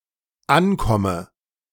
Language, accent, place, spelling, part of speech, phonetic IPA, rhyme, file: German, Germany, Berlin, ankomme, verb, [ˈanˌkɔmə], -ankɔmə, De-ankomme.ogg
- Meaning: inflection of ankommen: 1. first-person singular dependent present 2. first/third-person singular dependent subjunctive I